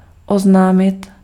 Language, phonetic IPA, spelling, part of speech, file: Czech, [ˈoznaːmɪt], oznámit, verb, Cs-oznámit.ogg
- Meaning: to announce